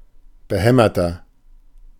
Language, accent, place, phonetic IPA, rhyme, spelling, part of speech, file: German, Germany, Berlin, [bəˈhɛmɐtɐ], -ɛmɐtɐ, behämmerter, adjective, De-behämmerter.ogg
- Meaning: 1. comparative degree of behämmert 2. inflection of behämmert: strong/mixed nominative masculine singular 3. inflection of behämmert: strong genitive/dative feminine singular